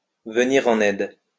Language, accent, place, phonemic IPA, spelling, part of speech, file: French, France, Lyon, /və.niʁ ɑ̃.n‿ɛd/, venir en aide, verb, LL-Q150 (fra)-venir en aide.wav
- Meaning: to come to someone's aid